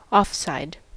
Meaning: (adjective) 1. In an illegal position ahead of the ball, puck, etc 2. Out of bounds 3. To the side of the road, past the curb and sidewalk
- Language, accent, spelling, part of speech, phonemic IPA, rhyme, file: English, US, offside, adjective / noun, /ɒfˈsaɪd/, -aɪd, En-us-offside.ogg